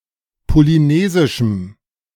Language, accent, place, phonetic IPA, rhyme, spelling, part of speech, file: German, Germany, Berlin, [poliˈneːzɪʃm̩], -eːzɪʃm̩, polynesischem, adjective, De-polynesischem.ogg
- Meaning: strong dative masculine/neuter singular of polynesisch